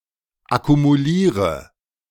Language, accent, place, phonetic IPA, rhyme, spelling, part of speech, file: German, Germany, Berlin, [akumuˈliːʁə], -iːʁə, akkumuliere, verb, De-akkumuliere.ogg
- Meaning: inflection of akkumulieren: 1. first-person singular present 2. first/third-person singular subjunctive I 3. singular imperative